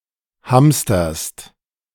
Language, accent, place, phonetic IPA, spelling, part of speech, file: German, Germany, Berlin, [ˈhamstɐst], hamsterst, verb, De-hamsterst.ogg
- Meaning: second-person singular present of hamstern